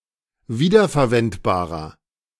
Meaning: inflection of wiederverwendbar: 1. strong/mixed nominative masculine singular 2. strong genitive/dative feminine singular 3. strong genitive plural
- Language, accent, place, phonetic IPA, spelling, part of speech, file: German, Germany, Berlin, [ˈviːdɐfɛɐ̯ˌvɛntbaːʁɐ], wiederverwendbarer, adjective, De-wiederverwendbarer.ogg